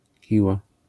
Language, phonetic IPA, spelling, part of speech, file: Polish, [ˈciwa], kiła, noun, LL-Q809 (pol)-kiła.wav